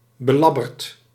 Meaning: 1. ill, rotten, sick 2. terrible, rotten, of a very poor quality 3. impeded; especially having a speech impediment
- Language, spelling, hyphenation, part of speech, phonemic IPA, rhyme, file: Dutch, belabberd, be‧lab‧berd, adjective, /bəˈlɑ.bərt/, -ɑbərt, Nl-belabberd.ogg